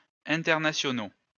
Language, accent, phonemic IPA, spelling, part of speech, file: French, France, /ɛ̃.tɛʁ.na.sjɔ.no/, internationaux, adjective, LL-Q150 (fra)-internationaux.wav
- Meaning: masculine plural of international